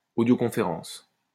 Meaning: audioconference
- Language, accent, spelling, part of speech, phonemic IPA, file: French, France, audioconférence, noun, /o.djo.kɔ̃.fe.ʁɑ̃s/, LL-Q150 (fra)-audioconférence.wav